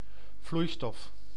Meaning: 1. a liquid, as opposed to solid - and gaseous (states of) matter 2. a fluid (any state of matter which can flow)
- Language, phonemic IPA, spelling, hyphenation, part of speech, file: Dutch, /ˈvlui̯stɔf/, vloeistof, vloei‧stof, noun, Nl-vloeistof.ogg